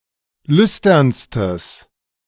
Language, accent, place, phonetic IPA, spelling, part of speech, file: German, Germany, Berlin, [ˈlʏstɐnstəs], lüsternstes, adjective, De-lüsternstes.ogg
- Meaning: strong/mixed nominative/accusative neuter singular superlative degree of lüstern